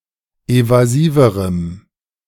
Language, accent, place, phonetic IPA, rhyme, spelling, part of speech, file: German, Germany, Berlin, [ˌevaˈziːvəʁəm], -iːvəʁəm, evasiverem, adjective, De-evasiverem.ogg
- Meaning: strong dative masculine/neuter singular comparative degree of evasiv